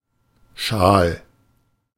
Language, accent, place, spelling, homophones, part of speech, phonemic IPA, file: German, Germany, Berlin, schal, Schal, adjective, /ʃaːl/, De-schal.ogg
- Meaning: 1. stale (of food and drink: having lost its taste through age, oxidation, etc.) 2. dull, flat, insipid